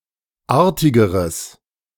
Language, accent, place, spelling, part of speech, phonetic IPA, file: German, Germany, Berlin, artigeres, adjective, [ˈaːɐ̯tɪɡəʁəs], De-artigeres.ogg
- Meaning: strong/mixed nominative/accusative neuter singular comparative degree of artig